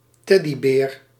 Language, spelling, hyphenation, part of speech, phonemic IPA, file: Dutch, teddybeer, ted‧dy‧beer, noun, /ˈtɛ.diˌbeːr/, Nl-teddybeer.ogg
- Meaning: a teddy bear